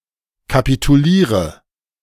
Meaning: inflection of kapitulieren: 1. first-person singular present 2. first/third-person singular subjunctive I 3. singular imperative
- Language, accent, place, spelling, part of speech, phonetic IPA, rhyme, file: German, Germany, Berlin, kapituliere, verb, [kapituˈliːʁə], -iːʁə, De-kapituliere.ogg